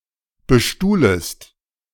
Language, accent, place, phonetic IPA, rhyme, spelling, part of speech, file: German, Germany, Berlin, [bəˈʃtuːləst], -uːləst, bestuhlest, verb, De-bestuhlest.ogg
- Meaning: second-person singular subjunctive I of bestuhlen